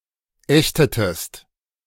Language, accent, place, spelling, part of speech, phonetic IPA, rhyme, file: German, Germany, Berlin, ächtetest, verb, [ˈɛçtətəst], -ɛçtətəst, De-ächtetest.ogg
- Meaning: inflection of ächten: 1. second-person singular preterite 2. second-person singular subjunctive II